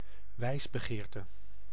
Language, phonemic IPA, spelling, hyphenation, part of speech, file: Dutch, /ˈʋɛi̯s.bəˌɣeːr.tə/, wijsbegeerte, wijs‧be‧geer‧te, noun, Nl-wijsbegeerte.ogg
- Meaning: philosophy